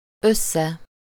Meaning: together
- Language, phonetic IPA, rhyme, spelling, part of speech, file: Hungarian, [ˈøsːɛ], -sɛ, össze, adverb, Hu-össze.ogg